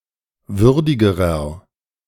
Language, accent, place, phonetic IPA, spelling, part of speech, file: German, Germany, Berlin, [ˈvʏʁdɪɡəʁɐ], würdigerer, adjective, De-würdigerer.ogg
- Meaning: inflection of würdig: 1. strong/mixed nominative masculine singular comparative degree 2. strong genitive/dative feminine singular comparative degree 3. strong genitive plural comparative degree